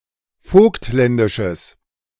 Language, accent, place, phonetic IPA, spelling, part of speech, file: German, Germany, Berlin, [ˈfoːktˌlɛndɪʃəs], vogtländisches, adjective, De-vogtländisches.ogg
- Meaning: strong/mixed nominative/accusative neuter singular of vogtländisch